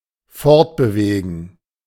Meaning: to move on
- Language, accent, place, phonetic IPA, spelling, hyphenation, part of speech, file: German, Germany, Berlin, [ˈfɔʁtbəˌveːɡn̩], fortbewegen, fort‧be‧we‧gen, verb, De-fortbewegen.ogg